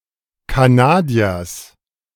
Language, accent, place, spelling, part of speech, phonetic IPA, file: German, Germany, Berlin, Kanadiers, noun, [kaˈnaːdiɐs], De-Kanadiers.ogg
- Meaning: genitive singular of Kanadier